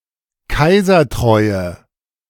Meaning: inflection of kaisertreu: 1. strong/mixed nominative/accusative feminine singular 2. strong nominative/accusative plural 3. weak nominative all-gender singular
- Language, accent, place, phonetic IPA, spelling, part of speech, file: German, Germany, Berlin, [ˈkaɪ̯zɐˌtʁɔɪ̯ə], kaisertreue, adjective, De-kaisertreue.ogg